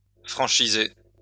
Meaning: to franchise
- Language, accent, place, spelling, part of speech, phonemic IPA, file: French, France, Lyon, franchiser, verb, /fʁɑ̃.ʃi.ze/, LL-Q150 (fra)-franchiser.wav